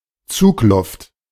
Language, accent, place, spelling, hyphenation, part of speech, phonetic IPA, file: German, Germany, Berlin, Zugluft, Zug‧luft, noun, [ˈt͡suːklʊft], De-Zugluft.ogg
- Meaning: draft (current of air, usually coming into a room or vehicle)